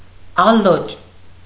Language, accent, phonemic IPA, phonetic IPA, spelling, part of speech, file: Armenian, Eastern Armenian, /ɑˈlot͡ʃ/, [ɑlót͡ʃ], ալոճ, noun, Hy-ալոճ.ogg
- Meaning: hawthorn berry, haw, fruit of hawthorn